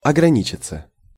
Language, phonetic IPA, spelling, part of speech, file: Russian, [ɐɡrɐˈnʲit͡ɕɪt͡sə], ограничиться, verb, Ru-ограничиться.ogg
- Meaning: 1. to limit oneself 2. to content oneself with 3. to not go beyond 4. passive of ограни́чить (ograníčitʹ)